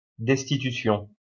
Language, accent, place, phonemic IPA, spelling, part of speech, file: French, France, Lyon, /dɛs.ti.ty.sjɔ̃/, destitution, noun, LL-Q150 (fra)-destitution.wav
- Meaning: 1. discharge, dismissal 2. deposition (of a politician etc.) 3. impeachment